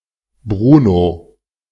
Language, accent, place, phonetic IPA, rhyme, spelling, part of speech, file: German, Germany, Berlin, [ˈbʁuːno], -uːno, Bruno, proper noun, De-Bruno.ogg
- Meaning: a male given name, equivalent to English Bruno